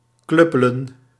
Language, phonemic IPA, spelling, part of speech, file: Dutch, /ˈklʏpələ(n)/, kluppelen, verb, Nl-kluppelen.ogg
- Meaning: to bludgeon, to sap, to club